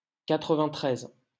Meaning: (numeral) ninety-three; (noun) Refers to Seine-Saint-Denis, department number 93 of France, located in the suburbs of Paris
- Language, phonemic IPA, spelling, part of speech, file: French, /ka.tʁə.vɛ̃.tʁɛz/, quatre-vingt-treize, numeral / noun, LL-Q150 (fra)-quatre-vingt-treize.wav